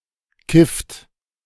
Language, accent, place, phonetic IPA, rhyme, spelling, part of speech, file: German, Germany, Berlin, [kɪft], -ɪft, kifft, verb, De-kifft.ogg
- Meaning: inflection of kiffen: 1. third-person singular present 2. second-person plural present 3. plural imperative